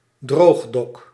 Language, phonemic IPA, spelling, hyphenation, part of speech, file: Dutch, /ˈdroːx.dɔk/, droogdok, droog‧dok, noun, Nl-droogdok.ogg
- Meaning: drydock